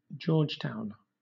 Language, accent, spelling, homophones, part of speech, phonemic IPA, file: English, Southern England, Georgetown, George Town, proper noun, /ˈd͡ʒɔː(ɹ)d͡ʒtaʊn/, LL-Q1860 (eng)-Georgetown.wav
- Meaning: 1. The capital city of Guyana; named for George III of the United Kingdom 2. The capital city of Guyana; named for George III of the United Kingdom.: The Guyanese government